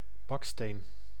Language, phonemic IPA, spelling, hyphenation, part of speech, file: Dutch, /ˈbɑk.steːn/, baksteen, bak‧steen, noun, Nl-baksteen.ogg
- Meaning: brick: 1. a brick, a hardened block of, for example, clay 2. brick, the building material